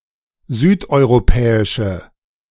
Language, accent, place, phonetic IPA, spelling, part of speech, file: German, Germany, Berlin, [ˈzyːtʔɔɪ̯ʁoˌpɛːɪʃə], südeuropäische, adjective, De-südeuropäische.ogg
- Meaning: inflection of südeuropäisch: 1. strong/mixed nominative/accusative feminine singular 2. strong nominative/accusative plural 3. weak nominative all-gender singular